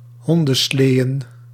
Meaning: plural of hondenslee
- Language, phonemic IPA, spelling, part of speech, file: Dutch, /ˈhɔndə(n)ˌsleə(n)/, hondensleeën, noun, Nl-hondensleeën.ogg